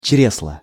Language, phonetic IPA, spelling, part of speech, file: Russian, [ˈt͡ɕrʲesɫə], чресла, noun, Ru-чресла.ogg
- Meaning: reins, small of the back